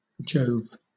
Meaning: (proper noun) 1. Jupiter, god of the sky 2. Jupiter 3. Tin; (interjection) An expression of surprise or amazement
- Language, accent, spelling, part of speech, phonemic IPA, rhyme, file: English, Southern England, Jove, proper noun / interjection, /d͡ʒəʊv/, -əʊv, LL-Q1860 (eng)-Jove.wav